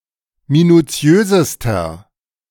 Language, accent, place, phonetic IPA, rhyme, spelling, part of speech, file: German, Germany, Berlin, [minuˈt͡si̯øːzəstɐ], -øːzəstɐ, minuziösester, adjective, De-minuziösester.ogg
- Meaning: inflection of minuziös: 1. strong/mixed nominative masculine singular superlative degree 2. strong genitive/dative feminine singular superlative degree 3. strong genitive plural superlative degree